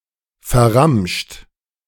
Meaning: 1. past participle of verramschen 2. inflection of verramschen: third-person singular present 3. inflection of verramschen: second-person plural present 4. inflection of verramschen: plural imperative
- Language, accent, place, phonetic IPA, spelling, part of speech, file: German, Germany, Berlin, [fɛɐ̯ˈʁamʃt], verramscht, verb, De-verramscht.ogg